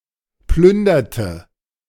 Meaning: inflection of plündern: 1. first/third-person singular preterite 2. first/third-person singular subjunctive II
- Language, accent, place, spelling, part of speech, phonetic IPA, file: German, Germany, Berlin, plünderte, verb, [ˈplʏndɐtə], De-plünderte.ogg